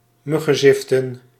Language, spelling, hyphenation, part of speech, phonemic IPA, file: Dutch, muggenziften, mug‧gen‧zif‧ten, verb, /ˈmʏ.ɣə(n)ˌzɪf.tə(n)/, Nl-muggenziften.ogg
- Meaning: to nitpick, to be fastidious